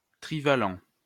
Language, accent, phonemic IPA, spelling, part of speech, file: French, France, /tʁi.va.lɑ̃/, trivalent, adjective, LL-Q150 (fra)-trivalent.wav
- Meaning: trivalent